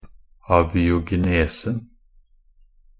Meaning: definite singular of abiogenese
- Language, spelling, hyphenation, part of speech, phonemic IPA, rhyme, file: Norwegian Bokmål, abiogenesen, a‧bi‧o‧ge‧ne‧sen, noun, /abiːʊɡɛˈneːsn̩/, -eːsn̩, Nb-abiogenesen.ogg